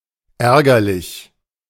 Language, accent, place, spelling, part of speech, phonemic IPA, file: German, Germany, Berlin, ärgerlich, adjective / adverb, /ˈɛʁɡɐlɪç/, De-ärgerlich.ogg
- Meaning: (adjective) 1. annoying (causing annoyance) 2. annoyed (feeling annoyance); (adverb) crossly, angrily